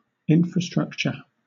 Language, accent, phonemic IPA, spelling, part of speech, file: English, Southern England, /ˈɪnfɹəˌstɹʌkt͡ʃə/, infrastructure, noun, LL-Q1860 (eng)-infrastructure.wav
- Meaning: 1. An underlying base or foundation for a building, organization, or system 2. The facilities, services and installations needed for the functioning of a community or society